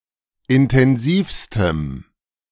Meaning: strong dative masculine/neuter singular superlative degree of intensiv
- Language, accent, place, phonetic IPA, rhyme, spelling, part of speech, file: German, Germany, Berlin, [ɪntɛnˈziːfstəm], -iːfstəm, intensivstem, adjective, De-intensivstem.ogg